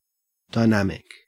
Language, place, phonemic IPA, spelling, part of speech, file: English, Queensland, /dɑeˈnæm.ɪk/, dynamic, adjective / noun, En-au-dynamic.ogg
- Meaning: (adjective) 1. Changing; active; in motion 2. Powerful; energetic 3. Able to change and adapt 4. Having to do with the volume of sound